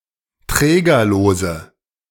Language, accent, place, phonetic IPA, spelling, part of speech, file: German, Germany, Berlin, [ˈtʁɛːɡɐloːzə], trägerlose, adjective, De-trägerlose.ogg
- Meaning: inflection of trägerlos: 1. strong/mixed nominative/accusative feminine singular 2. strong nominative/accusative plural 3. weak nominative all-gender singular